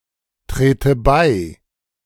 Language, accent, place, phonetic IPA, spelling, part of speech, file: German, Germany, Berlin, [ˌtʁeːtə ˈbaɪ̯], trete bei, verb, De-trete bei.ogg
- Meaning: inflection of beitreten: 1. first-person singular present 2. first/third-person singular subjunctive I